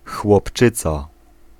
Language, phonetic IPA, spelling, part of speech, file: Polish, [xwɔpˈt͡ʃɨt͡sa], chłopczyca, noun, Pl-chłopczyca.ogg